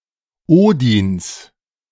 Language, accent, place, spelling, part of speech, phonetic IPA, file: German, Germany, Berlin, Odins, noun, [ˈoːdɪns], De-Odins.ogg
- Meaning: genitive singular of Odin